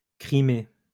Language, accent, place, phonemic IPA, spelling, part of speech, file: French, France, Lyon, /kʁi.me/, Crimée, proper noun, LL-Q150 (fra)-Crimée.wav